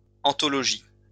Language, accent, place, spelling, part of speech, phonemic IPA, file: French, France, Lyon, anthologies, noun, /ɑ̃.tɔ.lɔ.ʒi/, LL-Q150 (fra)-anthologies.wav
- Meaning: plural of anthologie